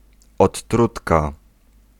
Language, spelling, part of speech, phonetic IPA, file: Polish, odtrutka, noun, [ɔtˈːrutka], Pl-odtrutka.ogg